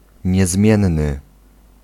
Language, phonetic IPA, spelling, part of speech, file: Polish, [ɲɛˈzmʲjɛ̃nːɨ], niezmienny, adjective, Pl-niezmienny.ogg